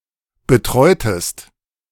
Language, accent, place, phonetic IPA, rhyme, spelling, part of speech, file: German, Germany, Berlin, [bəˈtʁɔɪ̯təst], -ɔɪ̯təst, betreutest, verb, De-betreutest.ogg
- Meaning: inflection of betreuen: 1. second-person singular preterite 2. second-person singular subjunctive II